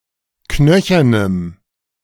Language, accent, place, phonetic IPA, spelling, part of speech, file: German, Germany, Berlin, [ˈknœçɐnəm], knöchernem, adjective, De-knöchernem.ogg
- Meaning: strong dative masculine/neuter singular of knöchern